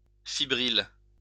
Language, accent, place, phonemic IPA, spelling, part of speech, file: French, France, Lyon, /fi.bʁil/, fibrille, noun, LL-Q150 (fra)-fibrille.wav
- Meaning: fibril